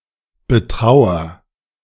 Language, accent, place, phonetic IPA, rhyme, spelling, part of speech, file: German, Germany, Berlin, [bəˈtʁaʊ̯ɐ], -aʊ̯ɐ, betrauer, verb, De-betrauer.ogg
- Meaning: inflection of betrauern: 1. first-person singular present 2. singular imperative